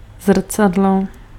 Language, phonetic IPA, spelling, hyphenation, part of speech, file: Czech, [ˈzr̩t͡sadlo], zrcadlo, zr‧ca‧d‧lo, noun, Cs-zrcadlo.ogg
- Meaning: mirror